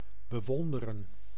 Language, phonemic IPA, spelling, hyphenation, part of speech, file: Dutch, /bəˈʋɔndərə(n)/, bewonderen, be‧won‧de‧ren, verb, Nl-bewonderen.ogg
- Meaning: to admire